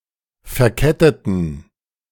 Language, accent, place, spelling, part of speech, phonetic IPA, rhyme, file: German, Germany, Berlin, verketteten, adjective / verb, [fɛɐ̯ˈkɛtətn̩], -ɛtətn̩, De-verketteten.ogg
- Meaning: inflection of verkettet: 1. strong genitive masculine/neuter singular 2. weak/mixed genitive/dative all-gender singular 3. strong/weak/mixed accusative masculine singular 4. strong dative plural